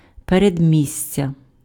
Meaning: suburb
- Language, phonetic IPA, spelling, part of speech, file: Ukrainian, [peredʲˈmʲisʲtʲɐ], передмістя, noun, Uk-передмістя.ogg